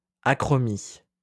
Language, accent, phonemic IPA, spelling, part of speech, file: French, France, /a.kʁɔ.mi/, achromie, noun, LL-Q150 (fra)-achromie.wav
- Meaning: vitiligo